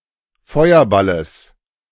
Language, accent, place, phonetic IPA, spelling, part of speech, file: German, Germany, Berlin, [ˈfɔɪ̯ɐˌbaləs], Feuerballes, noun, De-Feuerballes.ogg
- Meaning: genitive singular of Feuerball